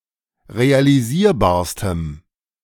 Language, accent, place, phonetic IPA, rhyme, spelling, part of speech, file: German, Germany, Berlin, [ʁealiˈziːɐ̯baːɐ̯stəm], -iːɐ̯baːɐ̯stəm, realisierbarstem, adjective, De-realisierbarstem.ogg
- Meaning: strong dative masculine/neuter singular superlative degree of realisierbar